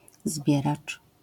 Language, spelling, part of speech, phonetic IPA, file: Polish, zbieracz, noun, [ˈzbʲjɛrat͡ʃ], LL-Q809 (pol)-zbieracz.wav